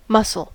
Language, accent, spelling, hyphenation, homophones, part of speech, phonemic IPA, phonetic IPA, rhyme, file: English, General American, muscle, mus‧cle, mussel, noun / verb, /ˈmʌs.əl/, [ˈmʌs.l̩], -ʌsəl, En-us-muscle.ogg
- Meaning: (noun) 1. A contractile form of tissue which animals use to effect movement 2. An organ composed of muscle tissue 3. A well-developed physique, in which the muscles are enlarged from exercise